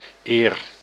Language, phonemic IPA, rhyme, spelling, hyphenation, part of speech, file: Dutch, /eːr/, -eːr, eer, eer, noun / conjunction / verb, Nl-eer.ogg
- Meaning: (noun) honour; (conjunction) ere, before; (noun) 1. copper 2. bronze; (verb) inflection of eren: 1. first-person singular present indicative 2. second-person singular present indicative 3. imperative